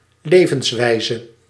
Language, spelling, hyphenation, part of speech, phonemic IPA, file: Dutch, levenswijze, le‧vens‧wij‧ze, noun / adjective, /levənzwɛizə/, Nl-levenswijze.ogg
- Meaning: way of life